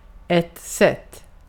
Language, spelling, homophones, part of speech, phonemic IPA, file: Swedish, sätt, sett / set, noun / verb, /sɛtː/, Sv-sätt.ogg
- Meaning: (noun) 1. a manner (characteristic way of behaving) 2. a way, a manner (of doing something) 3. a way (that something is something) 4. a set; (verb) imperative of sätta